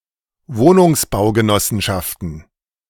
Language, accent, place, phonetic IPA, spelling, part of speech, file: German, Germany, Berlin, [ˈvoːnʊŋsbaʊ̯ɡəˌnɔsn̩ʃaftn̩], Wohnungsbaugenossenschaften, noun, De-Wohnungsbaugenossenschaften.ogg
- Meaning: plural of Wohnungsbaugenossenschaft